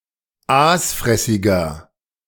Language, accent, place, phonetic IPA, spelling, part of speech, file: German, Germany, Berlin, [ˈaːsˌfʁɛsɪɡɐ], aasfressiger, adjective, De-aasfressiger.ogg
- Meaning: inflection of aasfressig: 1. strong/mixed nominative masculine singular 2. strong genitive/dative feminine singular 3. strong genitive plural